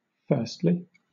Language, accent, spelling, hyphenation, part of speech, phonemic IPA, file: English, Southern England, firstly, first‧ly, adverb, /ˈfɜɹstli/, LL-Q1860 (eng)-firstly.wav
- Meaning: In the first place; before anything else; first